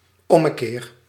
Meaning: turnaround, reversal
- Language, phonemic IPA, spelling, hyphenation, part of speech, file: Dutch, /ˈɔməˌker/, ommekeer, om‧me‧keer, noun, Nl-ommekeer.ogg